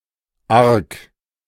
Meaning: 1. bad 2. intense 3. wicked 4. disgusting
- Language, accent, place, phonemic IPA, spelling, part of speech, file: German, Germany, Berlin, /ark/, arg, adjective, De-arg.ogg